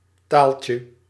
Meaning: diminutive of taal
- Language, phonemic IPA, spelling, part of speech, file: Dutch, /ˈtaɫcjə/, taaltje, noun, Nl-taaltje.ogg